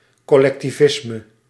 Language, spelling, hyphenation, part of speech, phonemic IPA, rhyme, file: Dutch, collectivisme, col‧lec‧ti‧vis‧me, noun, /kɔlɛktivˈɪsmə/, -ɪsmə, Nl-collectivisme.ogg
- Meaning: collectivism, an ideological system in which the means (of production) must be owned and controlled by people collectively